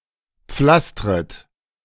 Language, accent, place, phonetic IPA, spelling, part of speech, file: German, Germany, Berlin, [ˈp͡flastʁət], pflastret, verb, De-pflastret.ogg
- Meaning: second-person plural subjunctive I of pflastern